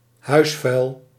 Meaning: garbage
- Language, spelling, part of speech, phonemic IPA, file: Dutch, huisvuil, noun, /ˈhœysfœyl/, Nl-huisvuil.ogg